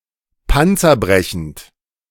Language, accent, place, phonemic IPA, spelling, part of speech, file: German, Germany, Berlin, /ˈpant͡sɐˌbʁɛçn̩t/, panzerbrechend, adjective, De-panzerbrechend.ogg
- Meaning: armour-piercing